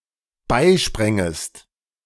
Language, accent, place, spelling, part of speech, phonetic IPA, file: German, Germany, Berlin, beisprängest, verb, [ˈbaɪ̯ˌʃpʁɛŋəst], De-beisprängest.ogg
- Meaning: second-person singular dependent subjunctive II of beispringen